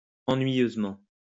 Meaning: boringly
- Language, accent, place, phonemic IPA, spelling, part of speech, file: French, France, Lyon, /ɑ̃.nɥi.jøz.mɑ̃/, ennuyeusement, adverb, LL-Q150 (fra)-ennuyeusement.wav